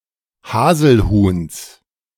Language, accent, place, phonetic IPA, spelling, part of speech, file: German, Germany, Berlin, [ˈhaːzl̩ˌhuːns], Haselhuhns, noun, De-Haselhuhns.ogg
- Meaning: genitive of Haselhuhn